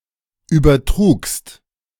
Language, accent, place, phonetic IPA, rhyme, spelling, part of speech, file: German, Germany, Berlin, [ˌyːbɐˈtʁuːkst], -uːkst, übertrugst, verb, De-übertrugst.ogg
- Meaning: second-person singular preterite of übertragen